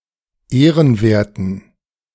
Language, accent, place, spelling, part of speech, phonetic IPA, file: German, Germany, Berlin, ehrenwerten, adjective, [ˈeːʁənˌveːɐ̯tn̩], De-ehrenwerten.ogg
- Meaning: inflection of ehrenwert: 1. strong genitive masculine/neuter singular 2. weak/mixed genitive/dative all-gender singular 3. strong/weak/mixed accusative masculine singular 4. strong dative plural